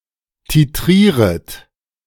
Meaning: second-person plural subjunctive I of titrieren
- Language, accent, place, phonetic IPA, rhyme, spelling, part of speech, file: German, Germany, Berlin, [tiˈtʁiːʁət], -iːʁət, titrieret, verb, De-titrieret.ogg